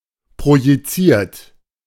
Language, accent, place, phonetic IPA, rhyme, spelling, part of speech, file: German, Germany, Berlin, [pʁojiˈt͡siːɐ̯t], -iːɐ̯t, projiziert, verb, De-projiziert.ogg
- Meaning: 1. past participle of projizieren 2. inflection of projizieren: third-person singular present 3. inflection of projizieren: second-person plural present 4. inflection of projizieren: plural imperative